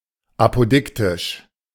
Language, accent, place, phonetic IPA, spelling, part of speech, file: German, Germany, Berlin, [ˌapoˈdɪktɪʃ], apodiktisch, adjective, De-apodiktisch.ogg
- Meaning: apodictic